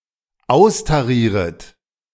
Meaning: second-person plural dependent subjunctive I of austarieren
- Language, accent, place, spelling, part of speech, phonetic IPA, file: German, Germany, Berlin, austarieret, verb, [ˈaʊ̯staˌʁiːʁət], De-austarieret.ogg